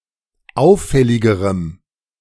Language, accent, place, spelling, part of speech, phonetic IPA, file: German, Germany, Berlin, auffälligerem, adjective, [ˈaʊ̯fˌfɛlɪɡəʁəm], De-auffälligerem.ogg
- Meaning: strong dative masculine/neuter singular comparative degree of auffällig